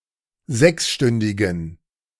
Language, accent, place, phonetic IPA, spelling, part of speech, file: German, Germany, Berlin, [ˈzɛksˌʃtʏndɪɡn̩], sechsstündigen, adjective, De-sechsstündigen.ogg
- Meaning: inflection of sechsstündig: 1. strong genitive masculine/neuter singular 2. weak/mixed genitive/dative all-gender singular 3. strong/weak/mixed accusative masculine singular 4. strong dative plural